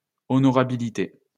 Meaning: honour, repute
- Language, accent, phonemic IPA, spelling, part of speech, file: French, France, /ɔ.nɔ.ʁa.bi.li.te/, honorabilité, noun, LL-Q150 (fra)-honorabilité.wav